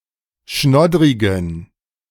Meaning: inflection of schnoddrig: 1. strong genitive masculine/neuter singular 2. weak/mixed genitive/dative all-gender singular 3. strong/weak/mixed accusative masculine singular 4. strong dative plural
- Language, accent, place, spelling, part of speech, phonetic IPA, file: German, Germany, Berlin, schnoddrigen, adjective, [ˈʃnɔdʁɪɡn̩], De-schnoddrigen.ogg